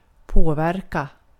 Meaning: to affect, to influence
- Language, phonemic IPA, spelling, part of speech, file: Swedish, /ˈpoːˌvɛrka/, påverka, verb, Sv-påverka.ogg